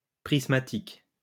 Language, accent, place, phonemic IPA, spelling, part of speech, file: French, France, Lyon, /pʁis.ma.tik/, prismatique, adjective, LL-Q150 (fra)-prismatique.wav
- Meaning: prismatic